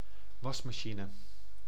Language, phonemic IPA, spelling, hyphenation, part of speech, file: Dutch, /ˈʋɑs.maːˌʃi.nə/, wasmachine, was‧ma‧chi‧ne, noun, Nl-wasmachine.ogg
- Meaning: washing machine